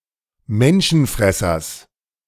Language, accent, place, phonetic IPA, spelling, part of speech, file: German, Germany, Berlin, [ˈmɛnʃn̩ˌfʁɛsɐs], Menschenfressers, noun, De-Menschenfressers.ogg
- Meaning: genitive singular of Menschenfresser